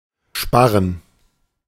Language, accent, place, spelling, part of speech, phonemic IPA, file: German, Germany, Berlin, Sparren, noun, /ˈʃpaʁən/, De-Sparren.ogg
- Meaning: 1. rafter 2. chevron